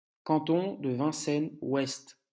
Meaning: 1. West (Western block, Western Europe) 2. Ouest (a department of Haiti; capital: Port-au-Prince)
- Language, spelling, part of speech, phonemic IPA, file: French, Ouest, proper noun, /wɛst/, LL-Q150 (fra)-Ouest.wav